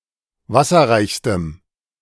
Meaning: strong dative masculine/neuter singular superlative degree of wasserreich
- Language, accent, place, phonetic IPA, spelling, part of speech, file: German, Germany, Berlin, [ˈvasɐʁaɪ̯çstəm], wasserreichstem, adjective, De-wasserreichstem.ogg